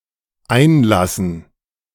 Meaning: 1. to let in; to admit; to grant entry 2. to introduce; to cause to enter a room or fill a container, usually slowly 3. to draw a bath; to run a bath
- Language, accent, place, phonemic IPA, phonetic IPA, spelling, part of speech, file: German, Germany, Berlin, /ˈaɪ̯nˌlasən/, [ˈʔäe̯nˌläsn̩], einlassen, verb, De-einlassen.ogg